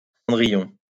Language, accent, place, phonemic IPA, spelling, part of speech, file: French, France, Lyon, /sɑ̃.dʁi.jɔ̃/, Cendrillon, proper noun, LL-Q150 (fra)-Cendrillon.wav
- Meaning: 1. Cinderella (fairy tale) 2. Cinderella (character)